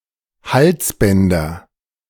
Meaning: nominative/accusative/genitive plural of Halsband
- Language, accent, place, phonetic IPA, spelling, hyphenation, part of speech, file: German, Germany, Berlin, [ˈhalsˌbɛndɐ], Halsbänder, Hals‧bän‧der, noun, De-Halsbänder.ogg